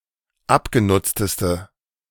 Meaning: inflection of abgenutzt: 1. strong/mixed nominative/accusative feminine singular superlative degree 2. strong nominative/accusative plural superlative degree
- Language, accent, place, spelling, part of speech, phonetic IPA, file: German, Germany, Berlin, abgenutzteste, adjective, [ˈapɡeˌnʊt͡stəstə], De-abgenutzteste.ogg